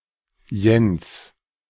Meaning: a male given name from Low German or Danish, variant of Johannes, equivalent to English John
- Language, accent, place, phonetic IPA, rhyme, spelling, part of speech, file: German, Germany, Berlin, [jɛns], -ɛns, Jens, proper noun, De-Jens.ogg